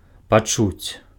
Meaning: to feel
- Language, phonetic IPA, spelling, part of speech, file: Belarusian, [paˈt͡ʂut͡sʲ], пачуць, verb, Be-пачуць.ogg